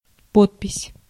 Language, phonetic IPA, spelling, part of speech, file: Russian, [ˈpotpʲɪsʲ], подпись, noun, Ru-подпись.ogg
- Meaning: 1. signature 2. caption, inscription